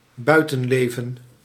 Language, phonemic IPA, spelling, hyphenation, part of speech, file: Dutch, /ˈbœy̯.tə(n)ˌleː.və(n)/, buitenleven, bui‧ten‧le‧ven, noun, Nl-buitenleven.ogg
- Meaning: the life, living, residence in the countryside